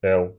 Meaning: 1. The Cyrillic letter Л, л 2. The Roman letter L, l
- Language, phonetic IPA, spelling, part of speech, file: Russian, [ɛɫ], эл, noun, Ru-эл.ogg